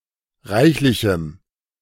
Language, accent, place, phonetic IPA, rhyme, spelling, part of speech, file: German, Germany, Berlin, [ˈʁaɪ̯çlɪçm̩], -aɪ̯çlɪçm̩, reichlichem, adjective, De-reichlichem.ogg
- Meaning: strong dative masculine/neuter singular of reichlich